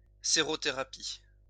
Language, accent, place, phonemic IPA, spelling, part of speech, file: French, France, Lyon, /se.ʁo.te.ʁa.pi/, sérothérapie, noun, LL-Q150 (fra)-sérothérapie.wav
- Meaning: serotherapy